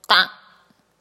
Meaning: Ṭta, the eleventh consonant of the Mon alphabet
- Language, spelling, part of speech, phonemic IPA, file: Mon, ဋ, character, /taʔ/, Mnw-ဋ.oga